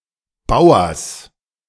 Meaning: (noun) genitive singular of Bauer; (proper noun) plural of Bauer
- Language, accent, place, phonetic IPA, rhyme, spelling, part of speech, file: German, Germany, Berlin, [ˈbaʊ̯ɐs], -aʊ̯ɐs, Bauers, noun, De-Bauers.ogg